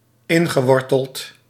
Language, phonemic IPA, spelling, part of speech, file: Dutch, /ˈɪŋɣəˌwɔrtəlt/, ingeworteld, adjective / verb, Nl-ingeworteld.ogg
- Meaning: ingrained